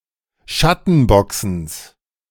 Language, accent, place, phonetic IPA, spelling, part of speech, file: German, Germany, Berlin, [ˈʃatn̩ˌbɔksn̩s], Schattenboxens, noun, De-Schattenboxens.ogg
- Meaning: genitive singular of Schattenboxen